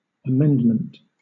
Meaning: An alteration or change for the better; correction of a fault or of faults; reformation of life by quitting vices
- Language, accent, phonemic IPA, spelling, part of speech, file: English, Southern England, /əˈmɛndmənt/, amendment, noun, LL-Q1860 (eng)-amendment.wav